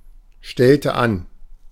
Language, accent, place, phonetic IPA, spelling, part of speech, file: German, Germany, Berlin, [ˌʃtɛltə ˈan], stellte an, verb, De-stellte an.ogg
- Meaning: inflection of anstellen: 1. first/third-person singular preterite 2. first/third-person singular subjunctive II